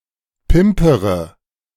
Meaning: inflection of pimpern: 1. first-person singular present 2. first/third-person singular subjunctive I 3. singular imperative
- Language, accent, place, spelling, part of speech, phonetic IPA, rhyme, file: German, Germany, Berlin, pimpere, verb, [ˈpɪmpəʁə], -ɪmpəʁə, De-pimpere.ogg